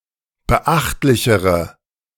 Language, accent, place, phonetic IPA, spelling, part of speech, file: German, Germany, Berlin, [bəˈʔaxtlɪçəʁə], beachtlichere, adjective, De-beachtlichere.ogg
- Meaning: inflection of beachtlich: 1. strong/mixed nominative/accusative feminine singular comparative degree 2. strong nominative/accusative plural comparative degree